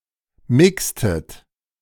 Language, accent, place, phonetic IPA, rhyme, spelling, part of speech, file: German, Germany, Berlin, [ˈmɪkstət], -ɪkstət, mixtet, verb, De-mixtet.ogg
- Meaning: inflection of mixen: 1. second-person plural preterite 2. second-person plural subjunctive II